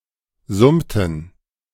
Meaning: inflection of summen: 1. first/third-person plural preterite 2. first/third-person plural subjunctive II
- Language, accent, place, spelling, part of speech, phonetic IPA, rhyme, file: German, Germany, Berlin, summten, verb, [ˈzʊmtn̩], -ʊmtn̩, De-summten.ogg